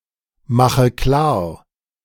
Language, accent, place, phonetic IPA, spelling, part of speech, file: German, Germany, Berlin, [ˌmaxə ˈklaːɐ̯], mache klar, verb, De-mache klar.ogg
- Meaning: inflection of klarmachen: 1. first-person singular present 2. first/third-person singular subjunctive I 3. singular imperative